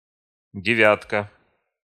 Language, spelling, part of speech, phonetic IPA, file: Russian, девятка, noun, [dʲɪˈvʲatkə], Ru-девятка.ogg
- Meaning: 1. (digit) nine 2. group of nine 3. nine 4. No 9 bus (tram, etc) 5. top corner of the goal 6. Nickname of the VAZ-2109, a 5-door hatchback produced in the USSR since 1987